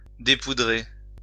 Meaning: 1. to unpowder 2. to unpowder one's hair
- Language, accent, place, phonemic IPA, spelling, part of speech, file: French, France, Lyon, /de.pu.dʁe/, dépoudrer, verb, LL-Q150 (fra)-dépoudrer.wav